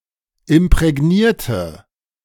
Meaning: inflection of imprägnieren: 1. first/third-person singular preterite 2. first/third-person singular subjunctive II
- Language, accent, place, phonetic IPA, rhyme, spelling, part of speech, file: German, Germany, Berlin, [ɪmpʁɛˈɡniːɐ̯tə], -iːɐ̯tə, imprägnierte, adjective / verb, De-imprägnierte.ogg